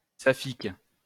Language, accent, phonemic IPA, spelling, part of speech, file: French, France, /sa.fik/, saphique, adjective, LL-Q150 (fra)-saphique.wav
- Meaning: 1. of Sappho; Sapphic (relating to the Greek poet Sappho or her poetry) 2. sapphic (lesbian)